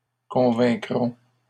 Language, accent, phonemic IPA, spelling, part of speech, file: French, Canada, /kɔ̃.vɛ̃.kʁɔ̃/, convaincrons, verb, LL-Q150 (fra)-convaincrons.wav
- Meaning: first-person plural future of convaincre